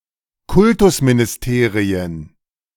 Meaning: plural of Kultusministerium
- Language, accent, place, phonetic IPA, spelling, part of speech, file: German, Germany, Berlin, [ˈkʊltʊsminɪsˌteːʁiən], Kultusministerien, noun, De-Kultusministerien.ogg